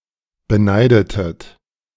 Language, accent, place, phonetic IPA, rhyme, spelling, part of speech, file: German, Germany, Berlin, [bəˈnaɪ̯dətət], -aɪ̯dətət, beneidetet, verb, De-beneidetet.ogg
- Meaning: inflection of beneiden: 1. second-person plural preterite 2. second-person plural subjunctive II